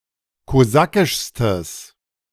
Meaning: strong/mixed nominative/accusative neuter singular superlative degree of kosakisch
- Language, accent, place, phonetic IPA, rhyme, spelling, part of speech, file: German, Germany, Berlin, [koˈzakɪʃstəs], -akɪʃstəs, kosakischstes, adjective, De-kosakischstes.ogg